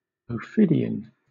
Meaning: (noun) Any species of the suborder Serpentes; a snake or serpent; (adjective) Of or pertaining to the suborder Serpentes; of, related to, or characteristic of a snake or serpent
- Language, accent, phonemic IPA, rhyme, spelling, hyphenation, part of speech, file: English, Southern England, /oʊˈfɪdi.ən/, -ɪdiən, ophidian, ophid‧i‧an, noun / adjective, LL-Q1860 (eng)-ophidian.wav